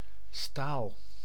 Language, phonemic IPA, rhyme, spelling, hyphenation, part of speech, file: Dutch, /staːl/, -aːl, staal, staal, noun, Nl-staal.ogg
- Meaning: 1. steel 2. sample